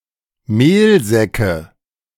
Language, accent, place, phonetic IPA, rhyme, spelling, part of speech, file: German, Germany, Berlin, [ˈmeːlˌzɛkə], -eːlzɛkə, Mehlsäcke, noun, De-Mehlsäcke.ogg
- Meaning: nominative/accusative/genitive plural of Mehlsack